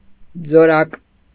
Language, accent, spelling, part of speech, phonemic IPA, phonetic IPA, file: Armenian, Eastern Armenian, ձորակ, noun, /d͡zoˈɾɑk/, [d͡zoɾɑ́k], Hy-ձորակ.ogg
- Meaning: small gorge, ravine